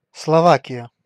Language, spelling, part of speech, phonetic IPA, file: Russian, Словакия, proper noun, [sɫɐˈvakʲɪjə], Ru-Словакия.ogg
- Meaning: Slovakia (a country in Central Europe)